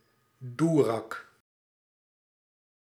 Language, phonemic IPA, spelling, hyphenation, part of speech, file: Dutch, /ˈdu.rɑk/, doerak, doe‧rak, noun, Nl-doerak.ogg
- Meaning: rascal